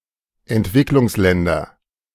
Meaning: nominative/accusative/genitive plural of Entwicklungsland
- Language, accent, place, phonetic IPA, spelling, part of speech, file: German, Germany, Berlin, [ɛntˈvɪklʊŋsˌlɛndɐ], Entwicklungsländer, noun, De-Entwicklungsländer.ogg